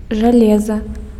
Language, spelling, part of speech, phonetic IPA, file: Belarusian, жалеза, noun, [ʐaˈlʲeza], Be-жалеза.ogg
- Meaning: iron